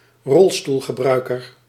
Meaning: a wheelchair user
- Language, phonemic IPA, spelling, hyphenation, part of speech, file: Dutch, /ˈrɔl.stul.ɣəˌbrœy̯.kər/, rolstoelgebruiker, rol‧stoel‧ge‧brui‧ker, noun, Nl-rolstoelgebruiker.ogg